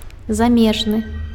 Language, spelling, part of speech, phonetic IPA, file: Belarusian, замежны, adjective, [zaˈmʲeʐnɨ], Be-замежны.ogg
- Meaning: foreign